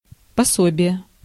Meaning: 1. allowance, benefit, pension, dole; gratuity 2. handbook, manual, tutorial, textbook
- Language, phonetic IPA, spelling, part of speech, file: Russian, [pɐˈsobʲɪje], пособие, noun, Ru-пособие.ogg